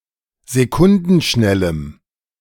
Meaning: strong dative masculine/neuter singular of sekundenschnell
- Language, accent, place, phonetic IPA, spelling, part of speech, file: German, Germany, Berlin, [zeˈkʊndn̩ˌʃnɛləm], sekundenschnellem, adjective, De-sekundenschnellem.ogg